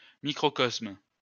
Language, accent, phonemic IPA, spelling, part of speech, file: French, France, /mi.kʁɔ.kɔsm/, microcosme, noun, LL-Q150 (fra)-microcosme.wav
- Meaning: microcosm